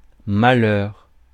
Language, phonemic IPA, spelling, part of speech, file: French, /ma.lœʁ/, malheur, noun, Fr-malheur.ogg
- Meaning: 1. mishap, misfortune 2. sadness, unhappiness